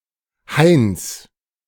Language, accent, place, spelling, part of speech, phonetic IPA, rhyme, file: German, Germany, Berlin, Hains, noun, [haɪ̯ns], -aɪ̯ns, De-Hains.ogg
- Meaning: genitive singular of Hain